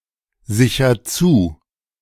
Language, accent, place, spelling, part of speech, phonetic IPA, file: German, Germany, Berlin, sicher zu, verb, [ˌzɪçɐ ˈt͡suː], De-sicher zu.ogg
- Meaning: inflection of zusichern: 1. first-person singular present 2. singular imperative